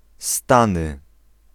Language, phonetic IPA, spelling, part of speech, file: Polish, [ˈstãnɨ], Stany, proper noun, Pl-Stany.ogg